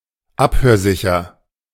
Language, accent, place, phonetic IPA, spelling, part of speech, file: German, Germany, Berlin, [ˈaphøːɐ̯ˌzɪçɐ], abhörsicher, adjective, De-abhörsicher.ogg
- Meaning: secure, bugproof (of rooms or equipment)